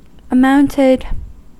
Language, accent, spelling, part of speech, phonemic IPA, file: English, US, amounted, verb, /əˈmaʊntɪd/, En-us-amounted.ogg
- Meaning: simple past and past participle of amount